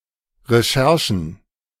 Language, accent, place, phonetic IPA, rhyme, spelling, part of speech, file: German, Germany, Berlin, [ʁeˈʃɛʁʃn̩], -ɛʁʃn̩, Recherchen, noun, De-Recherchen.ogg
- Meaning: plural of Recherche